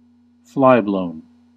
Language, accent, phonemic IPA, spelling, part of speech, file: English, US, /ˈflaɪˌbloʊn/, flyblown, adjective, En-us-flyblown.ogg
- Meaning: 1. contaminated with flyblows 2. tainted 3. sordid, squalid